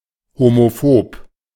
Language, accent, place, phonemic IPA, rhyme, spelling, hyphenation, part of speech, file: German, Germany, Berlin, /homoˈfoːp/, -oːp, homophob, ho‧mo‧phob, adjective, De-homophob.ogg
- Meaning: homophobic